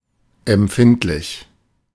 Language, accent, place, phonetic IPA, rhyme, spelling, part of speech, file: German, Germany, Berlin, [ɛmˈp͡fɪntlɪç], -ɪntlɪç, empfindlich, adjective, De-empfindlich.ogg
- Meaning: 1. sensitive, tender 2. serious, somewhat painful, significant, not ignorable, hefty